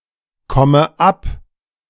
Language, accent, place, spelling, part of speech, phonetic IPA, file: German, Germany, Berlin, komme ab, verb, [ˌkɔmə ˈap], De-komme ab.ogg
- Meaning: inflection of abkommen: 1. first-person singular present 2. first/third-person singular subjunctive I 3. singular imperative